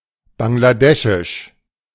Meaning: Bangladeshi (of, from, or pertaining to Bangladesh)
- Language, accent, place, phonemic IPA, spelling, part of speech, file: German, Germany, Berlin, /baŋlaˈdɛʃɪʃ/, bangladeschisch, adjective, De-bangladeschisch.ogg